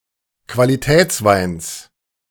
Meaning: genitive singular of Qualitätswein
- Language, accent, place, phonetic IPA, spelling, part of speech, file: German, Germany, Berlin, [kvaliˈtɛːt͡sˌvaɪ̯ns], Qualitätsweins, noun, De-Qualitätsweins.ogg